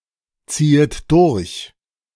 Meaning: second-person plural subjunctive I of durchziehen
- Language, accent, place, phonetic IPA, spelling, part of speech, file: German, Germany, Berlin, [ˌt͡siːət ˈdʊʁç], ziehet durch, verb, De-ziehet durch.ogg